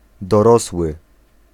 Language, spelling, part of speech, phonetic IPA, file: Polish, dorosły, adjective / noun, [dɔˈrɔswɨ], Pl-dorosły.ogg